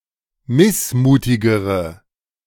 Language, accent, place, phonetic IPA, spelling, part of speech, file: German, Germany, Berlin, [ˈmɪsˌmuːtɪɡəʁə], missmutigere, adjective, De-missmutigere.ogg
- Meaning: inflection of missmutig: 1. strong/mixed nominative/accusative feminine singular comparative degree 2. strong nominative/accusative plural comparative degree